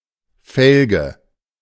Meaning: 1. wheelrim, felly 2. fallow (unseeded arable land)
- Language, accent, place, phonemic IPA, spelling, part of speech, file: German, Germany, Berlin, /ˈfɛlɡə/, Felge, noun, De-Felge.ogg